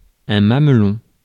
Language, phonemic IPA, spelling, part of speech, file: French, /mam.lɔ̃/, mamelon, noun, Fr-mamelon.ogg
- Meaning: 1. nipple 2. nipple (short threaded connecting tube) 3. hillock, knoll (rounded elevation or protuberance)